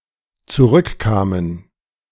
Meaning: first/third-person plural dependent preterite of zurückkommen
- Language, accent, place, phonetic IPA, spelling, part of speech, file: German, Germany, Berlin, [t͡suˈʁʏkˌkaːmən], zurückkamen, verb, De-zurückkamen.ogg